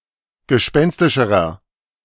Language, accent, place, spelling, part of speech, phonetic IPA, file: German, Germany, Berlin, gespenstischerer, adjective, [ɡəˈʃpɛnstɪʃəʁɐ], De-gespenstischerer.ogg
- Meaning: inflection of gespenstisch: 1. strong/mixed nominative masculine singular comparative degree 2. strong genitive/dative feminine singular comparative degree 3. strong genitive plural comparative degree